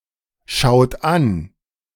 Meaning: inflection of anschauen: 1. third-person singular present 2. second-person plural present 3. plural imperative
- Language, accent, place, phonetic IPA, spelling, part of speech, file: German, Germany, Berlin, [ˌʃaʊ̯t ˈan], schaut an, verb, De-schaut an.ogg